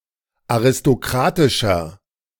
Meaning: 1. comparative degree of aristokratisch 2. inflection of aristokratisch: strong/mixed nominative masculine singular 3. inflection of aristokratisch: strong genitive/dative feminine singular
- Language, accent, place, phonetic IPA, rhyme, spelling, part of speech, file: German, Germany, Berlin, [aʁɪstoˈkʁaːtɪʃɐ], -aːtɪʃɐ, aristokratischer, adjective, De-aristokratischer.ogg